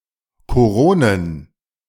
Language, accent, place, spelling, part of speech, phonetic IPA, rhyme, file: German, Germany, Berlin, Koronen, noun, [koˈʁoːnən], -oːnən, De-Koronen.ogg
- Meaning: plural of Korona